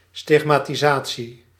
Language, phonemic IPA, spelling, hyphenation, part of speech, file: Dutch, /ˌstɪx.maː.tiˈzaː.(t)si/, stigmatisatie, stig‧ma‧ti‧sa‧tie, noun, Nl-stigmatisatie.ogg
- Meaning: 1. stigmatisation, the appearance of stigmata 2. stigmatisation, the act or process of stigmatising